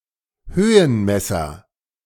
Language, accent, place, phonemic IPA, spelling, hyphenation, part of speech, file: German, Germany, Berlin, /ˈhøːənˌmɛsɐ/, Höhenmesser, Hö‧hen‧mes‧ser, noun, De-Höhenmesser.ogg
- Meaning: altimeter